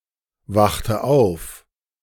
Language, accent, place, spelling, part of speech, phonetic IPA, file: German, Germany, Berlin, wachte auf, verb, [ˌvaxtə ˈaʊ̯f], De-wachte auf.ogg
- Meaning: inflection of aufwachen: 1. first/third-person singular preterite 2. first/third-person singular subjunctive II